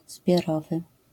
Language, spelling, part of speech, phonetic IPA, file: Polish, zbiorowy, adjective, [zbʲjɔˈrɔvɨ], LL-Q809 (pol)-zbiorowy.wav